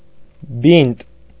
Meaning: bandage, dressing
- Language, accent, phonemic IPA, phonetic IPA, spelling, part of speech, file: Armenian, Eastern Armenian, /bint/, [bint], բինտ, noun, Hy-բինտ.ogg